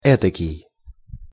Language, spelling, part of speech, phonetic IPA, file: Russian, этакий, determiner, [ˈɛtəkʲɪj], Ru-этакий.ogg
- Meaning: 1. such, like this 2. what (a)